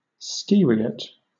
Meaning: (noun) One of the inhabitants of the Greek island of Skyros; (adjective) Of or relating to Skyros or its inhabitants
- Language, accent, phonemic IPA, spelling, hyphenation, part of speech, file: English, Southern England, /ˈskiː.ɹi.ət/, Skyriot, Skyr‧i‧ot, noun / adjective, LL-Q1860 (eng)-Skyriot.wav